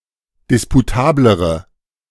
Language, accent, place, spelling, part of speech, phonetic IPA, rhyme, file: German, Germany, Berlin, disputablere, adjective, [ˌdɪspuˈtaːbləʁə], -aːbləʁə, De-disputablere.ogg
- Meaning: inflection of disputabel: 1. strong/mixed nominative/accusative feminine singular comparative degree 2. strong nominative/accusative plural comparative degree